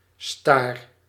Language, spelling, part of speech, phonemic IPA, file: Dutch, staar, noun / verb, /star/, Nl-staar.ogg
- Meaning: inflection of staren: 1. first-person singular present indicative 2. second-person singular present indicative 3. imperative